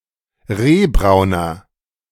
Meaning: inflection of rehbraun: 1. strong/mixed nominative masculine singular 2. strong genitive/dative feminine singular 3. strong genitive plural
- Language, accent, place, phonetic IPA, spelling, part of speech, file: German, Germany, Berlin, [ˈʁeːˌbʁaʊ̯nɐ], rehbrauner, adjective, De-rehbrauner.ogg